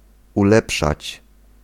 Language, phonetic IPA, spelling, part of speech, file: Polish, [uˈlɛpʃat͡ɕ], ulepszać, verb, Pl-ulepszać.ogg